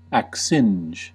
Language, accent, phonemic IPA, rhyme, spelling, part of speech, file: English, US, /ækˈsɪnd͡ʒ/, -ɪndʒ, accinge, verb, En-us-accinge.ogg
- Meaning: To prepare oneself for action